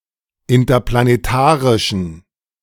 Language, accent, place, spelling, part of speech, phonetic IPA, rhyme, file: German, Germany, Berlin, interplanetarischen, adjective, [ɪntɐplaneˈtaːʁɪʃn̩], -aːʁɪʃn̩, De-interplanetarischen.ogg
- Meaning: inflection of interplanetarisch: 1. strong genitive masculine/neuter singular 2. weak/mixed genitive/dative all-gender singular 3. strong/weak/mixed accusative masculine singular